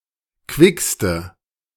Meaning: inflection of quick: 1. strong/mixed nominative/accusative feminine singular superlative degree 2. strong nominative/accusative plural superlative degree
- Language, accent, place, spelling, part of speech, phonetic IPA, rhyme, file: German, Germany, Berlin, quickste, adjective, [ˈkvɪkstə], -ɪkstə, De-quickste.ogg